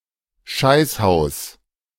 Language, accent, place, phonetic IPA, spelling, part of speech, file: German, Germany, Berlin, [ˈʃaɪ̯shaʊs], Scheißhaus, noun, De-Scheißhaus.ogg
- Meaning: shithouse, outhouse